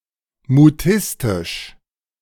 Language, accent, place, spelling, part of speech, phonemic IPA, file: German, Germany, Berlin, mutistisch, adjective, /muˈtɪstɪʃ/, De-mutistisch.ogg
- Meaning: mutistic